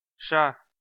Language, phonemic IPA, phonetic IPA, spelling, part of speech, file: Armenian, /ʃɑ/, [ʃɑ], շա, noun, Hy-շա.ogg
- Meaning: the name of the Armenian letter շ (š)